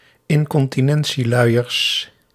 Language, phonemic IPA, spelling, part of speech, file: Dutch, /ˌɪŋkɔntiˈnɛn(t)siˌlœyərs/, incontinentieluiers, noun, Nl-incontinentieluiers.ogg
- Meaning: plural of incontinentieluier